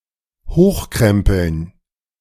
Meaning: to roll up
- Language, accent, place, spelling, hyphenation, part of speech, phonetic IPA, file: German, Germany, Berlin, hochkrempeln, hoch‧krem‧peln, verb, [ˈhoːχˌkʁɛmpl̩n], De-hochkrempeln.ogg